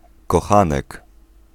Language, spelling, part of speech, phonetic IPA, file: Polish, kochanek, noun, [kɔˈxãnɛk], Pl-kochanek.ogg